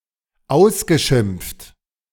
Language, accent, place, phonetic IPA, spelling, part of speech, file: German, Germany, Berlin, [ˈaʊ̯sɡəˌʃɪmp͡ft], ausgeschimpft, verb, De-ausgeschimpft.ogg
- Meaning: past participle of ausschimpfen